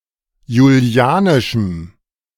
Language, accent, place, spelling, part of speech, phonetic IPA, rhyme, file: German, Germany, Berlin, julianischem, adjective, [juˈli̯aːnɪʃm̩], -aːnɪʃm̩, De-julianischem.ogg
- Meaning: strong dative masculine/neuter singular of julianisch